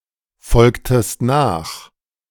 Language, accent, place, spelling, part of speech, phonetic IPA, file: German, Germany, Berlin, folgtest nach, verb, [ˌfɔlktəst ˈnaːx], De-folgtest nach.ogg
- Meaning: inflection of nachfolgen: 1. second-person singular preterite 2. second-person singular subjunctive II